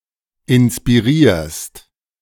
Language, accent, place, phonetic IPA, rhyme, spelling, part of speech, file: German, Germany, Berlin, [ɪnspiˈʁiːɐ̯st], -iːɐ̯st, inspirierst, verb, De-inspirierst.ogg
- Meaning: second-person singular present of inspirieren